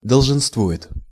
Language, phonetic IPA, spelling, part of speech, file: Russian, [dəɫʐɨnstˈvu(j)ɪt], долженствует, verb, Ru-долженствует.ogg
- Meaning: third-person singular present indicative imperfective of долженствова́ть (dolženstvovátʹ)